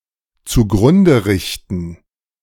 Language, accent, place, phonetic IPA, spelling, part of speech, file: German, Germany, Berlin, [t͡suˈɡʁʊndə ˌʁɪçtn̩], zugrunde richten, verb, De-zugrunde richten.ogg
- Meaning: to ruin